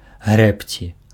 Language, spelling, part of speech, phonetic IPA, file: Belarusian, грэбці, verb, [ˈɣrɛpt͡sʲi], Be-грэбці.ogg
- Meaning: 1. to row, to scull 2. to rake